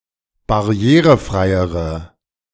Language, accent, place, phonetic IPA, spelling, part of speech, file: German, Germany, Berlin, [baˈʁi̯eːʁəˌfʁaɪ̯əʁə], barrierefreiere, adjective, De-barrierefreiere.ogg
- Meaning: inflection of barrierefrei: 1. strong/mixed nominative/accusative feminine singular comparative degree 2. strong nominative/accusative plural comparative degree